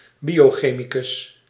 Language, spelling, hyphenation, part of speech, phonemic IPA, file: Dutch, biochemicus, bio‧che‧mi‧cus, noun, /bioːˈxeːmikʏs/, Nl-biochemicus.ogg
- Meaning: biochemist (a chemist whose speciality is biochemistry)